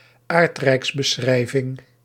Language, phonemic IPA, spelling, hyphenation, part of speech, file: Dutch, /ˈaːrt.rɛi̯ks.bəˌsxrɛi̯.vɪŋ/, aardrijksbeschrijving, aard‧rijks‧be‧schrij‧ving, noun, Nl-aardrijksbeschrijving.ogg
- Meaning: 1. geography 2. geographical description